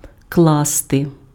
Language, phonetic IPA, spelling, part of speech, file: Ukrainian, [ˈkɫaste], класти, verb, Uk-класти.ogg
- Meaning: 1. to put, to place, to lay 2. to build